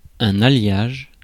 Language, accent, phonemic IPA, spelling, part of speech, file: French, France, /a.ljaʒ/, alliage, noun, Fr-alliage.ogg
- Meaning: 1. alloying (mixing elements to make an alloy) 2. alloy (metal that is a combination of two or more elements) 3. alloy (metal of lesser value combined with a metal of greater value)